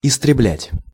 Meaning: to annihilate, to destroy, to eradicate, to exterminate (to reduce to nothing)
- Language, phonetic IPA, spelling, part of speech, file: Russian, [ɪstrʲɪˈblʲætʲ], истреблять, verb, Ru-истреблять.ogg